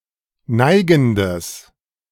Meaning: strong/mixed nominative/accusative neuter singular of neigend
- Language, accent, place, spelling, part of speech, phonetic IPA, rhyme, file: German, Germany, Berlin, neigendes, adjective, [ˈnaɪ̯ɡn̩dəs], -aɪ̯ɡn̩dəs, De-neigendes.ogg